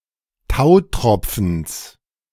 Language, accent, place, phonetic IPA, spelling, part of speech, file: German, Germany, Berlin, [ˈtaʊ̯ˌtʁɔp͡fn̩s], Tautropfens, noun, De-Tautropfens.ogg
- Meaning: genitive of Tautropfen